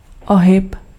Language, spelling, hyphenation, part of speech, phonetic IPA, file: Czech, ohyb, ohyb, noun, [ˈoɦɪp], Cs-ohyb.ogg
- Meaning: 1. bend, bow, curve, twist, winding, fold 2. diffraction